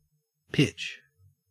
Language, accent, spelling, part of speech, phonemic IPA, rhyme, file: English, Australia, pitch, noun / verb / adjective, /pɪt͡ʃ/, -ɪtʃ, En-au-pitch.ogg
- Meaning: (noun) 1. A sticky, gummy substance secreted by trees; tree sap 2. A sticky, gummy substance secreted by trees; tree sap.: Anything similar to or derived from tree sap: resin; rosin